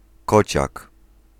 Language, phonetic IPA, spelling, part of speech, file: Polish, [ˈkɔt͡ɕak], kociak, noun, Pl-kociak.ogg